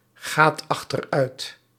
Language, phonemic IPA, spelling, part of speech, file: Dutch, /ˈɣat ɑxtərˈœyt/, gaat achteruit, verb, Nl-gaat achteruit.ogg
- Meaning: inflection of achteruitgaan: 1. second/third-person singular present indicative 2. plural imperative